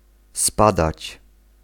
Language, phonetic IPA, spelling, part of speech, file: Polish, [ˈspadat͡ɕ], spadać, verb, Pl-spadać.ogg